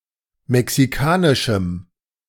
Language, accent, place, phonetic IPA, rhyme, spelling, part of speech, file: German, Germany, Berlin, [mɛksiˈkaːnɪʃm̩], -aːnɪʃm̩, mexikanischem, adjective, De-mexikanischem.ogg
- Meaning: strong dative masculine/neuter singular of mexikanisch